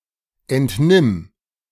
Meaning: singular imperative of entnehmen
- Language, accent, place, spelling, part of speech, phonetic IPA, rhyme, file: German, Germany, Berlin, entnimm, verb, [ˌɛntˈnɪm], -ɪm, De-entnimm.ogg